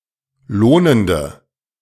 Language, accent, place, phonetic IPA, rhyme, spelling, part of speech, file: German, Germany, Berlin, [ˈloːnəndə], -oːnəndə, lohnende, adjective, De-lohnende.ogg
- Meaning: inflection of lohnend: 1. strong/mixed nominative/accusative feminine singular 2. strong nominative/accusative plural 3. weak nominative all-gender singular 4. weak accusative feminine/neuter singular